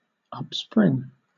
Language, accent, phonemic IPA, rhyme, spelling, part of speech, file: English, Southern England, /ʌpˈspɹɪŋ/, -ɪŋ, upspring, verb, LL-Q1860 (eng)-upspring.wav
- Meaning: To spring up, rise up, originate, come into being